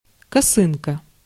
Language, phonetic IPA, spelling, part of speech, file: Russian, [kɐˈsɨnkə], косынка, noun, Ru-косынка.ogg
- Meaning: 1. triangular headscarf (traditionally of calico), kerchief, babushka 2. Klondike (solitaire)